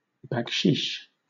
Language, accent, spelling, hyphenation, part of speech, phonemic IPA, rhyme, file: English, Southern England, baksheesh, bak‧sheesh, noun / verb, /bækˈʃiːʃ/, -iːʃ, LL-Q1860 (eng)-baksheesh.wav
- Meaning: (noun) 1. In the Middle East or southwest Asia: a bribe or tip 2. A minor wound that necessitates the evacuation of a soldier from the combat zone for medical treatment